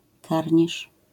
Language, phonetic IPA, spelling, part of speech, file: Polish, [ˈkarʲɲiʃ], karnisz, noun, LL-Q809 (pol)-karnisz.wav